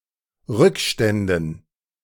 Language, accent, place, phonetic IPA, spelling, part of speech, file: German, Germany, Berlin, [ˈʁʏkˌʃtɛndn̩], Rückständen, noun, De-Rückständen.ogg
- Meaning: dative plural of Rückstand